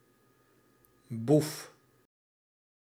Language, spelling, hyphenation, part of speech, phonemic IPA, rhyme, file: Dutch, boef, boef, noun, /buf/, -uf, Nl-boef.ogg
- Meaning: 1. crook, thief, thug 2. rascal, scamp